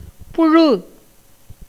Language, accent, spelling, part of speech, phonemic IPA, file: Tamil, India, புழு, noun / verb, /pʊɻɯ/, Ta-புழு.ogg
- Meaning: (noun) worm, maggot; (verb) 1. to breed worms or maggots 2. to be wormy or worm-eaten